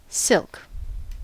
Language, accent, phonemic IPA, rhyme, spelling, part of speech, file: English, US, /sɪlk/, -ɪlk, silk, noun / verb, En-us-silk.ogg
- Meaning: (noun) 1. A fine fiber excreted by the silkworm or other arthropod (such as a spider) 2. A thread or yarn made from silk fibers 3. A fine, soft cloth woven from silk yarn or thread